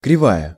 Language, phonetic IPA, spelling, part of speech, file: Russian, [krʲɪˈvajə], кривая, noun, Ru-кривая.ogg
- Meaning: curve